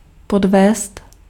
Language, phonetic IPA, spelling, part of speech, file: Czech, [ˈpodvɛːst], podvést, verb, Cs-podvést.ogg
- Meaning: to cheat